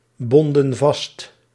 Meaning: inflection of vastbinden: 1. plural past indicative 2. plural past subjunctive
- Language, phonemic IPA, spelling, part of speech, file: Dutch, /ˈbɔndə(n) ˈvɑst/, bonden vast, verb, Nl-bonden vast.ogg